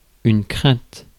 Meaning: fear, fright
- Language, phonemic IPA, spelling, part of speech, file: French, /kʁɛ̃t/, crainte, noun, Fr-crainte.ogg